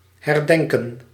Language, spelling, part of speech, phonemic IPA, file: Dutch, herdenken, verb, /hɛrˈdɛŋkə(n)/, Nl-herdenken.ogg
- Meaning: to remember, to commemorate